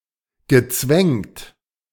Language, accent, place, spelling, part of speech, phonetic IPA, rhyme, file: German, Germany, Berlin, gezwängt, verb, [ɡəˈt͡svɛŋt], -ɛŋt, De-gezwängt.ogg
- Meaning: past participle of zwängen